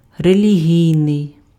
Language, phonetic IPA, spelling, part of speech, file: Ukrainian, [relʲiˈɦʲii̯nei̯], релігійний, adjective, Uk-релігійний.ogg
- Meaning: religious